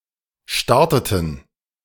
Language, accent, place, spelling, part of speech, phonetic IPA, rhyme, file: German, Germany, Berlin, starteten, verb, [ˈʃtaʁtətn̩], -aʁtətn̩, De-starteten.ogg
- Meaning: inflection of starten: 1. first/third-person plural preterite 2. first/third-person plural subjunctive II